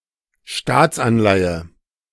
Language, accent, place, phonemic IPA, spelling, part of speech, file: German, Germany, Berlin, /ˈʃtaːtsanlaɪ̯ə/, Staatsanleihe, noun, De-Staatsanleihe.ogg
- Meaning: government bond, state bond, sovereign bond